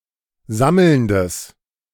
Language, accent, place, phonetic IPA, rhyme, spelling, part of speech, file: German, Germany, Berlin, [ˈzaml̩ndəs], -aml̩ndəs, sammelndes, adjective, De-sammelndes.ogg
- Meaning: strong/mixed nominative/accusative neuter singular of sammelnd